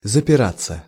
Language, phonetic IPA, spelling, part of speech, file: Russian, [zəpʲɪˈrat͡sːə], запираться, verb, Ru-запираться.ogg
- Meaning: 1. to lock (oneself) up 2. to deny, to disavow, to refuse to admit one's guilt 3. passive of запира́ть (zapirátʹ)